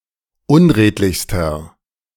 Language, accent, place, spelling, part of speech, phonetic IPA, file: German, Germany, Berlin, unredlichster, adjective, [ˈʊnˌʁeːtlɪçstɐ], De-unredlichster.ogg
- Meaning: inflection of unredlich: 1. strong/mixed nominative masculine singular superlative degree 2. strong genitive/dative feminine singular superlative degree 3. strong genitive plural superlative degree